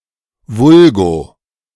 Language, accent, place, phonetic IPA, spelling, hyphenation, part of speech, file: German, Germany, Berlin, [ˈvʊlɡoː], vulgo, vul‧go, adverb, De-vulgo.ogg
- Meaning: vulgo; commonly known as